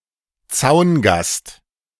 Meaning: onlooker
- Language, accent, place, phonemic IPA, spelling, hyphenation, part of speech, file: German, Germany, Berlin, /ˈt͡saʊ̯nˌɡast/, Zaungast, Zaun‧gast, noun, De-Zaungast.ogg